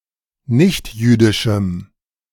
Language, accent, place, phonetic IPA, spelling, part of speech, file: German, Germany, Berlin, [ˈnɪçtˌjyːdɪʃm̩], nichtjüdischem, adjective, De-nichtjüdischem.ogg
- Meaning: strong dative masculine/neuter singular of nichtjüdisch